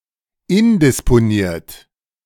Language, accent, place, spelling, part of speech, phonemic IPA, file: German, Germany, Berlin, indisponiert, adjective, /ˈɪndɪsponiːɐ̯t/, De-indisponiert.ogg
- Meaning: indisposed